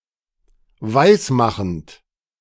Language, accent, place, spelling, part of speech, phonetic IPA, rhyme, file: German, Germany, Berlin, weismachend, verb, [ˈvaɪ̯sˌmaxn̩t], -aɪ̯smaxn̩t, De-weismachend.ogg
- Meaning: present participle of weismachen